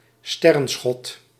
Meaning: star jelly, star shot
- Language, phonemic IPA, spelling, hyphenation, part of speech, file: Dutch, /ˈstɛ.rə(n)ˌsxɔt/, sterrenschot, ster‧ren‧schot, noun, Nl-sterrenschot.ogg